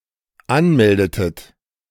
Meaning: inflection of anmelden: 1. second-person plural dependent preterite 2. second-person plural dependent subjunctive II
- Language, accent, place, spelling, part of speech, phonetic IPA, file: German, Germany, Berlin, anmeldetet, verb, [ˈanˌmɛldətət], De-anmeldetet.ogg